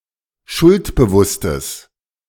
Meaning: strong/mixed nominative/accusative neuter singular of schuldbewusst
- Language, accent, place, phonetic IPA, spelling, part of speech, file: German, Germany, Berlin, [ˈʃʊltbəˌvʊstəs], schuldbewusstes, adjective, De-schuldbewusstes.ogg